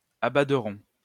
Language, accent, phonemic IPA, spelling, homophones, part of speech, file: French, France, /a.ba.dʁɔ̃/, abaderons, abaderont, verb, LL-Q150 (fra)-abaderons.wav
- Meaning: first-person plural simple future of abader